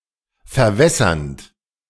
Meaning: present participle of verwässern
- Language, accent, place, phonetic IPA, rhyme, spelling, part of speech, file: German, Germany, Berlin, [fɛɐ̯ˈvɛsɐnt], -ɛsɐnt, verwässernd, verb, De-verwässernd.ogg